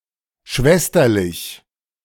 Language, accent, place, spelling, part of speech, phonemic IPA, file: German, Germany, Berlin, schwesterlich, adjective, /ˈʃvɛstɐlɪç/, De-schwesterlich.ogg
- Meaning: sisterly, sororal